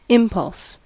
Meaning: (noun) 1. A thrust; a push; a sudden force that impels 2. A wish or urge, particularly a sudden one prompting action 3. The integral of force over time; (verb) To impel; to incite
- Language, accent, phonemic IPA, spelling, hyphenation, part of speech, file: English, US, /ˈɪmpʌls/, impulse, im‧pulse, noun / verb, En-us-impulse.ogg